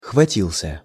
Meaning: masculine singular past indicative perfective of хвати́ться (xvatítʹsja)
- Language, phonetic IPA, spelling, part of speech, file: Russian, [xvɐˈtʲiɫs⁽ʲ⁾ə], хватился, verb, Ru-хватился.ogg